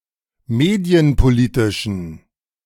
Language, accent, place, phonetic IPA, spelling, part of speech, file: German, Germany, Berlin, [ˈmeːdi̯ənpoˌliːtɪʃn̩], medienpolitischen, adjective, De-medienpolitischen.ogg
- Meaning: inflection of medienpolitisch: 1. strong genitive masculine/neuter singular 2. weak/mixed genitive/dative all-gender singular 3. strong/weak/mixed accusative masculine singular 4. strong dative plural